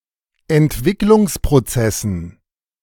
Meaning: dative plural of Entwicklungsprozess
- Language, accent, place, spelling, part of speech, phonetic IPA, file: German, Germany, Berlin, Entwicklungsprozessen, noun, [ɛntˈvɪklʊŋspʁoˌt͡sɛsn̩], De-Entwicklungsprozessen.ogg